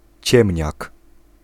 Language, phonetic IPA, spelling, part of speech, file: Polish, [ˈt͡ɕɛ̃mʲɲak], ciemniak, noun, Pl-ciemniak.ogg